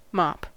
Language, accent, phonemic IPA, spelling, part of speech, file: English, US, /mɑp/, mop, noun / verb, En-us-mop.ogg
- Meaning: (noun) 1. An implement for washing floors or similar, made of a piece of cloth, or a collection of thrums, or coarse yarn, fastened to a handle 2. A wash with a mop; the act of mopping